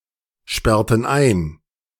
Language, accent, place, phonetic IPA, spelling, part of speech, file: German, Germany, Berlin, [ˌʃpɛʁtn̩ ˈaɪ̯n], sperrten ein, verb, De-sperrten ein.ogg
- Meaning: inflection of einsperren: 1. first/third-person plural preterite 2. first/third-person plural subjunctive II